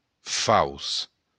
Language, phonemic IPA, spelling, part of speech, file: Occitan, /faws/, fauç, noun, LL-Q942602-fauç.wav
- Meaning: sickle